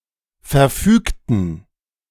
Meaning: inflection of verfügen: 1. first/third-person plural preterite 2. first/third-person plural subjunctive II
- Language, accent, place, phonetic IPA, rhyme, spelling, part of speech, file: German, Germany, Berlin, [fɛɐ̯ˈfyːktn̩], -yːktn̩, verfügten, adjective / verb, De-verfügten.ogg